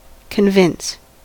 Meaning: 1. To make someone believe, or feel sure about something, especially by using logic, argument or evidence 2. To persuade 3. To overcome, conquer, vanquish
- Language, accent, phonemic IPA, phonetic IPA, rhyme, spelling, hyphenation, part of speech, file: English, US, /kənˈvɪns/, [kʰənˈvɪns], -ɪns, convince, con‧vince, verb, En-us-convince.ogg